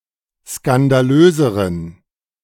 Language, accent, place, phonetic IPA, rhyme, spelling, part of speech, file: German, Germany, Berlin, [skandaˈløːzəʁən], -øːzəʁən, skandalöseren, adjective, De-skandalöseren.ogg
- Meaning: inflection of skandalös: 1. strong genitive masculine/neuter singular comparative degree 2. weak/mixed genitive/dative all-gender singular comparative degree